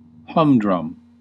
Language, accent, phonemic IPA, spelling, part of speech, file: English, US, /ˈhʌmdɹʌm/, humdrum, adjective / noun, En-us-humdrum.ogg
- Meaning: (adjective) Lacking variety or excitement; dull; boring; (noun) 1. The quality of lacking variety or excitement 2. A stupid fellow